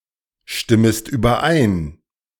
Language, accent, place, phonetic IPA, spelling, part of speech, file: German, Germany, Berlin, [ˌʃtɪməst yːbɐˈʔaɪ̯n], stimmest überein, verb, De-stimmest überein.ogg
- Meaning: second-person singular subjunctive I of übereinstimmen